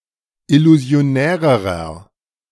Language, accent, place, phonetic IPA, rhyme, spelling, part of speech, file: German, Germany, Berlin, [ɪluzi̯oˈnɛːʁəʁɐ], -ɛːʁəʁɐ, illusionärerer, adjective, De-illusionärerer.ogg
- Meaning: inflection of illusionär: 1. strong/mixed nominative masculine singular comparative degree 2. strong genitive/dative feminine singular comparative degree 3. strong genitive plural comparative degree